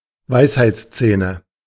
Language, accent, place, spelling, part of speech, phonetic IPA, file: German, Germany, Berlin, Weisheitszähne, noun, [ˈvaɪ̯shaɪ̯t͡sˌt͡sɛːnə], De-Weisheitszähne.ogg
- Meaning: nominative/accusative/genitive plural of Weisheitszahn